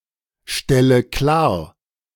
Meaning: inflection of klarstellen: 1. first-person singular present 2. first/third-person singular subjunctive I 3. singular imperative
- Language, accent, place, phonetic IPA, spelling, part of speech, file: German, Germany, Berlin, [ˌʃtɛlə ˈklaːɐ̯], stelle klar, verb, De-stelle klar.ogg